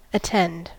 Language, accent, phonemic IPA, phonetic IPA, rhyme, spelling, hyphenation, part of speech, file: English, General American, /əˈtɛnd/, [əˈtʰɛnd], -ɛnd, attend, at‧tend, verb, En-us-attend.ogg